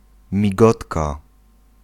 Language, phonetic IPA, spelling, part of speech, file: Polish, [mʲiˈɡɔtka], migotka, noun, Pl-migotka.ogg